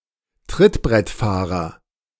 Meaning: freeloader, free rider
- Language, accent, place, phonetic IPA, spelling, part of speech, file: German, Germany, Berlin, [ˈtʁɪtbʁɛtˌfaːʁɐ], Trittbrettfahrer, noun, De-Trittbrettfahrer.ogg